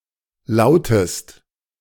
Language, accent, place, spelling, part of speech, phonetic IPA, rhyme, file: German, Germany, Berlin, lautest, verb, [ˈlaʊ̯təst], -aʊ̯təst, De-lautest.ogg
- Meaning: inflection of lauten: 1. second-person singular present 2. second-person singular subjunctive I